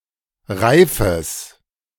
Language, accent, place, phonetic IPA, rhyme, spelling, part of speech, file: German, Germany, Berlin, [ˈʁaɪ̯fəs], -aɪ̯fəs, reifes, adjective, De-reifes.ogg
- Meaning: strong/mixed nominative/accusative neuter singular of reif